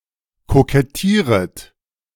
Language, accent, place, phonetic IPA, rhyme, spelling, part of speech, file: German, Germany, Berlin, [kokɛˈtiːʁət], -iːʁət, kokettieret, verb, De-kokettieret.ogg
- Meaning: second-person plural subjunctive I of kokettieren